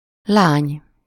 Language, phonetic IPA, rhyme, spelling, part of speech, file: Hungarian, [ˈlaːɲ], -aːɲ, lány, noun, Hu-lány.ogg
- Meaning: 1. girl 2. daughter